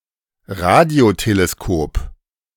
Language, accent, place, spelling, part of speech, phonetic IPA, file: German, Germany, Berlin, Radioteleskop, noun, [ˈʁadi̯oteleˌskoːp], De-Radioteleskop.ogg
- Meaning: radio telescope